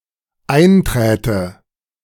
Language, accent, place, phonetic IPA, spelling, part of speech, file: German, Germany, Berlin, [ˈaɪ̯nˌtʁɛːtə], einträte, verb, De-einträte.ogg
- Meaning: first/third-person singular dependent subjunctive II of eintreten